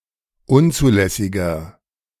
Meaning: inflection of unzulässig: 1. strong/mixed nominative masculine singular 2. strong genitive/dative feminine singular 3. strong genitive plural
- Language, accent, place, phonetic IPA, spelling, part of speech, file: German, Germany, Berlin, [ˈʊnt͡suːˌlɛsɪɡɐ], unzulässiger, adjective, De-unzulässiger.ogg